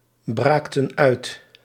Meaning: inflection of uitbraken: 1. plural past indicative 2. plural past subjunctive
- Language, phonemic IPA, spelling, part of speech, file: Dutch, /ˈbraktə(n) ˈœyt/, braakten uit, verb, Nl-braakten uit.ogg